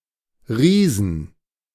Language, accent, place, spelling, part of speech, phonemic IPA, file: German, Germany, Berlin, Riesen, noun, /ˈʁiːzn̩/, De-Riesen.ogg
- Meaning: 1. accusative singular of Riese 2. genitive singular of Riese 3. dative singular of Riese 4. plural of Riese